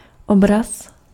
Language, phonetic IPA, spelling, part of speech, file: Czech, [ˈobras], obraz, noun, Cs-obraz.ogg
- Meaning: 1. picture, painting, image 2. image (something mapped to by a function)